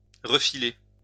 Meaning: 1. to give or pass something to someone 2. to palm off
- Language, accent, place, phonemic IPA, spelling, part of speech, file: French, France, Lyon, /ʁə.fi.le/, refiler, verb, LL-Q150 (fra)-refiler.wav